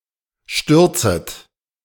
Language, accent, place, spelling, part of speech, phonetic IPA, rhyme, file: German, Germany, Berlin, stürzet, verb, [ˈʃtʏʁt͡sət], -ʏʁt͡sət, De-stürzet.ogg
- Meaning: second-person plural subjunctive I of stürzen